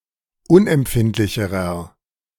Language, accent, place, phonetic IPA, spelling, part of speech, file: German, Germany, Berlin, [ˈʊnʔɛmˌpfɪntlɪçəʁɐ], unempfindlicherer, adjective, De-unempfindlicherer.ogg
- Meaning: inflection of unempfindlich: 1. strong/mixed nominative masculine singular comparative degree 2. strong genitive/dative feminine singular comparative degree